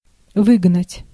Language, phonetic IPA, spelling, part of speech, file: Russian, [ˈvɨɡnətʲ], выгнать, verb, Ru-выгнать.ogg
- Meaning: 1. to drive away, to drive out, to oust (to force someone to leave) 2. to expel, kick (from an organization or community)